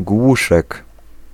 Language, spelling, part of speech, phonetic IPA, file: Polish, głuszek, noun, [ˈɡwuʃɛk], Pl-głuszek.ogg